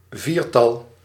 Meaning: quartet, quadruplet (group of four)
- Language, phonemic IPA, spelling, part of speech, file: Dutch, /ˈvirtɑl/, viertal, noun, Nl-viertal.ogg